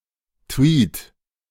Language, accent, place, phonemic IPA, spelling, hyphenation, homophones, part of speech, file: German, Germany, Berlin, /tviːt/, Tweed, Tweed, Tweet, noun, De-Tweed.ogg
- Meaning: tweed (cloth)